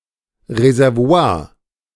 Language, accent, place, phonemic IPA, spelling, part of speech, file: German, Germany, Berlin, /rezɛrˈvo̯aːr/, Reservoir, noun, De-Reservoir.ogg
- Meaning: 1. reservoir (basin or large tank for collecting liquids, usually water) 2. reservoir (large supply of anything, especially natural resources)